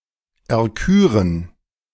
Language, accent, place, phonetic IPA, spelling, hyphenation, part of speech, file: German, Germany, Berlin, [ɛɐ̯ˈkyːʁən], erküren, er‧kü‧ren, verb, De-erküren.ogg
- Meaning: to choose